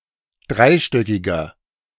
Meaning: inflection of dreistöckig: 1. strong/mixed nominative masculine singular 2. strong genitive/dative feminine singular 3. strong genitive plural
- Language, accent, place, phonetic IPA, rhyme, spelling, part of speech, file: German, Germany, Berlin, [ˈdʁaɪ̯ˌʃtœkɪɡɐ], -aɪ̯ʃtœkɪɡɐ, dreistöckiger, adjective, De-dreistöckiger.ogg